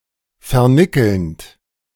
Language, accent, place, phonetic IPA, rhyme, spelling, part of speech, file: German, Germany, Berlin, [fɛɐ̯ˈnɪkl̩nt], -ɪkl̩nt, vernickelnd, verb, De-vernickelnd.ogg
- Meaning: present participle of vernickeln